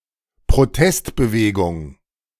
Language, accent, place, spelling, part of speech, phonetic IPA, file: German, Germany, Berlin, Protestbewegung, noun, [pʁoˈtɛstbəˌveːɡʊŋ], De-Protestbewegung.ogg
- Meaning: a protest movement